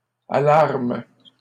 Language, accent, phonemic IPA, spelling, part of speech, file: French, Canada, /a.laʁm/, alarment, verb, LL-Q150 (fra)-alarment.wav
- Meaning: third-person plural present indicative/subjunctive of alarmer